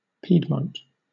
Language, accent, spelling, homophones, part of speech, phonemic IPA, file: English, Southern England, Piedmont, piedmont, proper noun, /ˈpiːdmɒnt/, LL-Q1860 (eng)-Piedmont.wav
- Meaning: An administrative region in the north of Italy